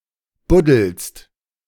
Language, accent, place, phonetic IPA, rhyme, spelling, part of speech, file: German, Germany, Berlin, [ˈbʊdl̩st], -ʊdl̩st, buddelst, verb, De-buddelst.ogg
- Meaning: second-person singular present of buddeln